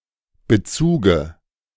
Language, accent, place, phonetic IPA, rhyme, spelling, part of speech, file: German, Germany, Berlin, [bəˈt͡suːɡə], -uːɡə, Bezuge, noun, De-Bezuge.ogg
- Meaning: dative singular of Bezug